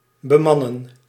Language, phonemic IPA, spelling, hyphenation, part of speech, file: Dutch, /bəˈmɑnə(n)/, bemannen, be‧man‧nen, verb, Nl-bemannen.ogg
- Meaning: to man (to supply with staff or crew)